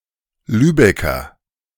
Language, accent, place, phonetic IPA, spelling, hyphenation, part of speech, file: German, Germany, Berlin, [ˈlyːbɛkɐ], Lübecker, Lü‧be‧cker, noun / adjective, De-Lübecker.ogg
- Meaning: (noun) a native or inhabitant of Lübeck; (adjective) of Lübeck